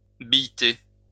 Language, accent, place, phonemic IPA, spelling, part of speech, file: French, France, Lyon, /bij.te/, billeter, verb, LL-Q150 (fra)-billeter.wav
- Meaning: to label, tag